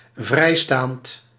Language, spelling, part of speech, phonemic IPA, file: Dutch, vrijstaand, verb / adjective, /ˈvrɛistant/, Nl-vrijstaand.ogg
- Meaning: free-standing